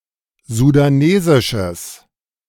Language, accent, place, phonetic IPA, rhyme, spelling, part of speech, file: German, Germany, Berlin, [zudaˈneːzɪʃəs], -eːzɪʃəs, sudanesisches, adjective, De-sudanesisches.ogg
- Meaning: strong/mixed nominative/accusative neuter singular of sudanesisch